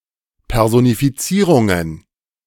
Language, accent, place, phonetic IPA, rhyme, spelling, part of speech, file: German, Germany, Berlin, [pɛʁzonifiˈt͡siːʁʊŋən], -iːʁʊŋən, Personifizierungen, noun, De-Personifizierungen.ogg
- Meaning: plural of Personifizierung